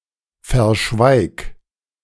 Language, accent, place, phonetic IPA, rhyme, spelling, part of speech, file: German, Germany, Berlin, [fɛɐ̯ˈʃvaɪ̯k], -aɪ̯k, verschweig, verb, De-verschweig.ogg
- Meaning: singular imperative of verschweigen